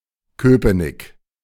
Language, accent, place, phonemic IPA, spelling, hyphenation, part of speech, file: German, Germany, Berlin, /ˈkøːpənɪk/, Köpenick, Kö‧pe‧nick, proper noun, De-Köpenick.ogg
- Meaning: 1. a district of Berlin 2. a city in Germany